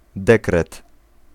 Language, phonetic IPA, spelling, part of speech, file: Polish, [ˈdɛkrɛt], dekret, noun, Pl-dekret.ogg